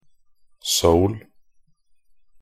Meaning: Seoul (the capital city of Seoul Capital Area, South Korea), also the historical capital of Korea from 1394 until the country was forcibly divided in 1945
- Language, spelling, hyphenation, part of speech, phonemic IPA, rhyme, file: Norwegian Bokmål, Seoul, Seoul, proper noun, /sɔʊl/, -ɔʊl, Nb-seoul.ogg